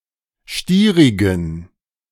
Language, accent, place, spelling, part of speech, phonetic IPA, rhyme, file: German, Germany, Berlin, stierigen, adjective, [ˈʃtiːʁɪɡn̩], -iːʁɪɡn̩, De-stierigen.ogg
- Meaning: inflection of stierig: 1. strong genitive masculine/neuter singular 2. weak/mixed genitive/dative all-gender singular 3. strong/weak/mixed accusative masculine singular 4. strong dative plural